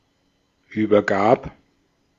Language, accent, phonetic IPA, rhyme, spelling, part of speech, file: German, Austria, [ˌyːbɐˈɡaːp], -aːp, übergab, verb, De-at-übergab.ogg
- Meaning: first/third-person singular preterite of übergeben